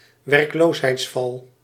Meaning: welfare trap
- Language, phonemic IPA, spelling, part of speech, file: Dutch, /ˌwerᵊkˈloshɛitsˌfɑl/, werkloosheidsval, noun, Nl-werkloosheidsval.ogg